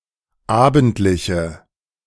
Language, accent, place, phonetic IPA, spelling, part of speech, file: German, Germany, Berlin, [ˈaːbn̩tlɪçə], abendliche, adjective, De-abendliche.ogg
- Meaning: inflection of abendlich: 1. strong/mixed nominative/accusative feminine singular 2. strong nominative/accusative plural 3. weak nominative all-gender singular